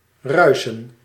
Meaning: to rustle (e.g. of leaves)
- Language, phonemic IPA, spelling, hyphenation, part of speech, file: Dutch, /ˈrœy̯sə(n)/, ruisen, rui‧sen, verb, Nl-ruisen.ogg